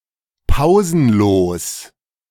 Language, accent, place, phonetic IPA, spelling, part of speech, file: German, Germany, Berlin, [ˈpaʊ̯zn̩ˌloːs], pausenlos, adjective, De-pausenlos.ogg
- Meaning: pauseless